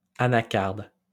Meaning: cashew
- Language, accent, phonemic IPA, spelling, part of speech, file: French, France, /a.na.kaʁd/, anacarde, noun, LL-Q150 (fra)-anacarde.wav